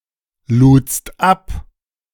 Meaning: second-person singular preterite of abladen
- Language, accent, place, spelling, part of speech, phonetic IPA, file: German, Germany, Berlin, ludst ab, verb, [ˌluːt͡st ˈap], De-ludst ab.ogg